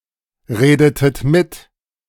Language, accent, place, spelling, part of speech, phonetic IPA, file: German, Germany, Berlin, redetet mit, verb, [ˌʁeːdətət ˈmɪt], De-redetet mit.ogg
- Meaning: inflection of mitreden: 1. second-person plural preterite 2. second-person plural subjunctive II